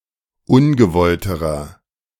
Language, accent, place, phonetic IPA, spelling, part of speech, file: German, Germany, Berlin, [ˈʊnɡəˌvɔltəʁɐ], ungewollterer, adjective, De-ungewollterer.ogg
- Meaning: inflection of ungewollt: 1. strong/mixed nominative masculine singular comparative degree 2. strong genitive/dative feminine singular comparative degree 3. strong genitive plural comparative degree